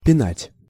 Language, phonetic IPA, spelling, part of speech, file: Russian, [pʲɪˈnatʲ], пинать, verb / phrase, Ru-пинать.ogg
- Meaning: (verb) to kick; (phrase) пина́ть балду̀ (pinátʹ baldù), пина́ть хуи́ (pinátʹ xuí)